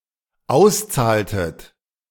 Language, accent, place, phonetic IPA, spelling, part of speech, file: German, Germany, Berlin, [ˈaʊ̯sˌt͡saːltət], auszahltet, verb, De-auszahltet.ogg
- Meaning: inflection of auszahlen: 1. second-person plural dependent preterite 2. second-person plural dependent subjunctive II